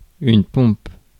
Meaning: 1. pump 2. push-up 3. Style of strumming, used especially in gypsy jazz 4. a solemn procession 5. pomp, vainglory 6. style, class 7. shoe
- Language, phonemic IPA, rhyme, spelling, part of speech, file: French, /pɔ̃p/, -ɔ̃p, pompe, noun, Fr-pompe.ogg